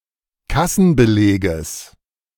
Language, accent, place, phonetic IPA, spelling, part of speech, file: German, Germany, Berlin, [ˈkasn̩bəˌleːɡəs], Kassenbeleges, noun, De-Kassenbeleges.ogg
- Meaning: genitive singular of Kassenbeleg